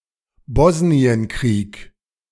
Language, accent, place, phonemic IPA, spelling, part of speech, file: German, Germany, Berlin, /ˈbɔsniənˌkʁiːk/, Bosnienkrieg, proper noun, De-Bosnienkrieg.ogg
- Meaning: Bosnian War